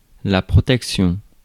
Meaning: 1. protection 2. protection (means, such as a condom, of preventing pregnancy or sexually transmitted disease)
- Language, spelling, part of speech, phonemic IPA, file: French, protection, noun, /pʁɔ.tɛk.sjɔ̃/, Fr-protection.ogg